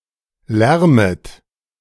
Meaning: second-person plural subjunctive I of lärmen
- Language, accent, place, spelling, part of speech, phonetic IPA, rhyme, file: German, Germany, Berlin, lärmet, verb, [ˈlɛʁmət], -ɛʁmət, De-lärmet.ogg